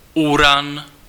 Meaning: 1. Uranus (Greek god) 2. Uranus (planet)
- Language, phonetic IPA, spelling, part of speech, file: Czech, [ˈuran], Uran, proper noun, Cs-Uran.ogg